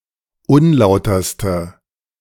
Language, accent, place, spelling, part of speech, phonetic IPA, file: German, Germany, Berlin, unlauterste, adjective, [ˈʊnˌlaʊ̯tɐstə], De-unlauterste.ogg
- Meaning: inflection of unlauter: 1. strong/mixed nominative/accusative feminine singular superlative degree 2. strong nominative/accusative plural superlative degree